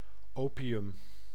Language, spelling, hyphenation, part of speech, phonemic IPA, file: Dutch, opium, opi‧um, noun, /ˈoː.pi.ʏm/, Nl-opium.ogg
- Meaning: opium